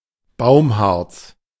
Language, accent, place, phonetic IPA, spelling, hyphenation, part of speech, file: German, Germany, Berlin, [ˈbaʊ̯mˌhaʁt͡s], Baumharz, Baum‧harz, noun, De-Baumharz.ogg
- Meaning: tree resin